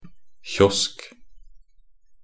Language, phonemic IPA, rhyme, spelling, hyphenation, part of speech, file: Norwegian Bokmål, /çɔsk/, -ɔsk, kiosk, kiosk, noun, Nb-kiosk.ogg
- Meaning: a kiosk (a small enclosed structure, often freestanding, open on one side or with a window, used as a booth to sell newspapers, cigarettes, food, etc.)